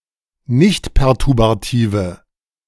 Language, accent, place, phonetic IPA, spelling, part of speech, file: German, Germany, Berlin, [ˈnɪçtpɛʁtʊʁbaˌtiːvə], nichtperturbative, adjective, De-nichtperturbative.ogg
- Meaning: inflection of nichtperturbativ: 1. strong/mixed nominative/accusative feminine singular 2. strong nominative/accusative plural 3. weak nominative all-gender singular